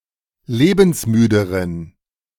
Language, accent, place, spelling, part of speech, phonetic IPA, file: German, Germany, Berlin, lebensmüderen, adjective, [ˈleːbn̩sˌmyːdəʁən], De-lebensmüderen.ogg
- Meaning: inflection of lebensmüde: 1. strong genitive masculine/neuter singular comparative degree 2. weak/mixed genitive/dative all-gender singular comparative degree